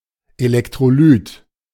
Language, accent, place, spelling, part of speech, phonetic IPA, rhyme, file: German, Germany, Berlin, Elektrolyt, noun, [elɛktʁoˈlyːt], -yːt, De-Elektrolyt.ogg
- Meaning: electrolyte